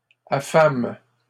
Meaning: third-person plural present indicative/subjunctive of affamer
- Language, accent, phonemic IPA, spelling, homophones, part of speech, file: French, Canada, /a.fam/, affament, affame / affames, verb, LL-Q150 (fra)-affament.wav